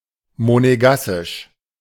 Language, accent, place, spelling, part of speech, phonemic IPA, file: German, Germany, Berlin, monegassisch, adjective, /moneˈɡasɪʃ/, De-monegassisch.ogg
- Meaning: Monégasque; of Monaco